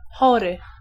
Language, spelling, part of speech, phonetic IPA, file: Polish, chory, adjective / noun, [ˈxɔrɨ], Pl-chory.ogg